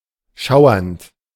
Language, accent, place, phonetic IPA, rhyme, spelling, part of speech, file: German, Germany, Berlin, [ˈʃaʊ̯ɐnt], -aʊ̯ɐnt, schauernd, verb, De-schauernd.ogg
- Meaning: present participle of schauern